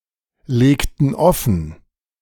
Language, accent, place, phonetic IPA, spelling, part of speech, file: German, Germany, Berlin, [ˌleːktn̩ ˈɔfn̩], legten offen, verb, De-legten offen.ogg
- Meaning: inflection of offenlegen: 1. first/third-person plural preterite 2. first/third-person plural subjunctive II